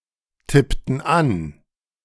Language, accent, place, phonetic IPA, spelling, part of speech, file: German, Germany, Berlin, [ˌtɪptn̩ ˈan], tippten an, verb, De-tippten an.ogg
- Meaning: inflection of antippen: 1. first/third-person plural preterite 2. first/third-person plural subjunctive II